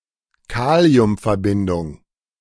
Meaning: potassium compound
- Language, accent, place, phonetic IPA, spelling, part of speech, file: German, Germany, Berlin, [ˈkaːli̯ʊmfɛɐ̯ˌbɪndʊŋ], Kaliumverbindung, noun, De-Kaliumverbindung.ogg